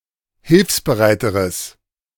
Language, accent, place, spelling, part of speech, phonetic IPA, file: German, Germany, Berlin, hilfsbereiteres, adjective, [ˈhɪlfsbəˌʁaɪ̯təʁəs], De-hilfsbereiteres.ogg
- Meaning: strong/mixed nominative/accusative neuter singular comparative degree of hilfsbereit